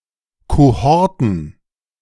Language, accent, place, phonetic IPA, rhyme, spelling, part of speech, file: German, Germany, Berlin, [koˈhɔʁtn̩], -ɔʁtn̩, Kohorten, noun, De-Kohorten.ogg
- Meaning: plural of Kohorte